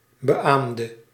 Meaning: inflection of beamen: 1. singular past indicative 2. singular past subjunctive
- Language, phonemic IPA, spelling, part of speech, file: Dutch, /bəˈʔamdə/, beaamde, verb, Nl-beaamde.ogg